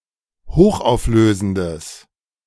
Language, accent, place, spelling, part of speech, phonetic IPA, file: German, Germany, Berlin, hochauflösendes, adjective, [ˈhoːxʔaʊ̯fˌløːzn̩dəs], De-hochauflösendes.ogg
- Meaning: strong/mixed nominative/accusative neuter singular of hochauflösend